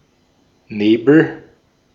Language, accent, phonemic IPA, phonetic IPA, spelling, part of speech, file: German, Austria, /ˈneːbəl/, [ˈneːbl̩], Nebel, noun / proper noun, De-at-Nebel.ogg
- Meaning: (noun) 1. fog, mist, haze 2. nebula; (proper noun) 1. a municipality on the island of Amrum, Schleswig-Holstein, Germany 2. a surname